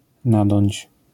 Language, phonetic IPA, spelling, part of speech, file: Polish, [ˈnadɔ̃ɲt͡ɕ], nadąć, verb, LL-Q809 (pol)-nadąć.wav